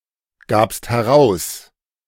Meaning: second-person singular preterite of herausgeben
- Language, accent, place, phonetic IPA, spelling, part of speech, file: German, Germany, Berlin, [ˌɡaːpst hɛˈʁaʊ̯s], gabst heraus, verb, De-gabst heraus.ogg